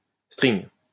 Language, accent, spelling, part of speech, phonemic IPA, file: French, France, string, noun, /stʁiŋ/, LL-Q150 (fra)-string.wav
- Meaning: G-string, thong, tanga